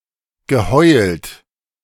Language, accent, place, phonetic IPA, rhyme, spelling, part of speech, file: German, Germany, Berlin, [ɡəˈhɔɪ̯lt], -ɔɪ̯lt, geheult, verb, De-geheult.ogg
- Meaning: past participle of heulen